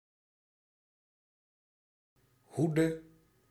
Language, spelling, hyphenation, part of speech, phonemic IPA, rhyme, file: Dutch, hoede, hoe‧de, noun / verb, /ˈɦu.də/, -udə, Nl-hoede.ogg
- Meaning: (noun) 1. heed, guard, alertness 2. protection, care, auspices 3. remit, scope of control; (verb) singular present subjunctive of hoeden